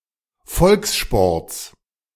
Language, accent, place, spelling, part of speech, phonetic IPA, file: German, Germany, Berlin, Volkssports, noun, [ˈfɔlksˌʃpɔʁt͡s], De-Volkssports.ogg
- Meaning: genitive singular of Volkssport